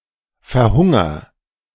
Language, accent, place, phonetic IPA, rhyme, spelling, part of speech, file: German, Germany, Berlin, [fɛɐ̯ˈhʊŋɐ], -ʊŋɐ, verhunger, verb, De-verhunger.ogg
- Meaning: inflection of verhungern: 1. first-person singular present 2. singular imperative